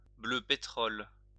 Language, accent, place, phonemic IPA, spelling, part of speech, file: French, France, Lyon, /blø pe.tʁɔl/, bleu pétrole, adjective, LL-Q150 (fra)-bleu pétrole.wav
- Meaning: of a dark blue green colour